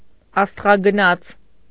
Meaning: astronaut
- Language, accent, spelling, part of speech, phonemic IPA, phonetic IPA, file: Armenian, Eastern Armenian, աստղագնաց, noun, /ɑstʁɑɡəˈnɑt͡sʰ/, [ɑstʁɑɡənɑ́t͡sʰ], Hy-աստղագնաց.ogg